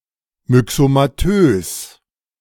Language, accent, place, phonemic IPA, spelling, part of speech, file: German, Germany, Berlin, /mʏksomaˈtøːs/, myxomatös, adjective, De-myxomatös.ogg
- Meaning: myxomatous